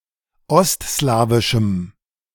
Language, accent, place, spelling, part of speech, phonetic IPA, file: German, Germany, Berlin, ostslawischem, adjective, [ˈɔstˌslaːvɪʃm̩], De-ostslawischem.ogg
- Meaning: strong dative masculine/neuter singular of ostslawisch